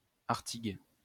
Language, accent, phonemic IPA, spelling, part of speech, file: French, France, /aʁ.tiɡ/, Artigues, proper noun, LL-Q150 (fra)-Artigues.wav
- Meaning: 1. Artigues (a village and commune of Ariège department, Occitania, France) 2. Artigues (a village and commune of Aude department, Occitania, France)